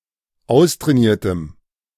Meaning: strong dative masculine/neuter singular of austrainiert
- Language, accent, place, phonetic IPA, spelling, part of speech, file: German, Germany, Berlin, [ˈaʊ̯stʁɛːˌniːɐ̯təm], austrainiertem, adjective, De-austrainiertem.ogg